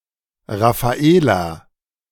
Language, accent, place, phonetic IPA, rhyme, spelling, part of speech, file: German, Germany, Berlin, [ˌʁafaˈeːla], -eːla, Raphaela, proper noun, De-Raphaela.ogg
- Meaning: a female given name, masculine equivalent Raphael